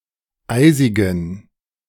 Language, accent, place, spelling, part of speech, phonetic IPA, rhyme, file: German, Germany, Berlin, eisigen, adjective, [ˈaɪ̯zɪɡn̩], -aɪ̯zɪɡn̩, De-eisigen.ogg
- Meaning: inflection of eisig: 1. strong genitive masculine/neuter singular 2. weak/mixed genitive/dative all-gender singular 3. strong/weak/mixed accusative masculine singular 4. strong dative plural